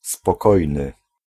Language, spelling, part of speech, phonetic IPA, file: Polish, spokojny, adjective / noun, [spɔˈkɔjnɨ], Pl-spokojny.ogg